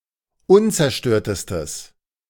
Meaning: strong/mixed nominative/accusative neuter singular superlative degree of unzerstört
- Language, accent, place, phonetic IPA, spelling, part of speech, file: German, Germany, Berlin, [ˈʊnt͡sɛɐ̯ˌʃtøːɐ̯təstəs], unzerstörtestes, adjective, De-unzerstörtestes.ogg